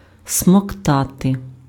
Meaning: to suck
- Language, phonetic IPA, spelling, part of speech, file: Ukrainian, [smɔkˈtate], смоктати, verb, Uk-смоктати.ogg